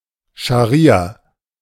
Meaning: Shari'a (islamic religious law)
- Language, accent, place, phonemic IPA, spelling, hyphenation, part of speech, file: German, Germany, Berlin, /ʃaˈʁiːa/, Scharia, Scha‧ria, noun, De-Scharia.ogg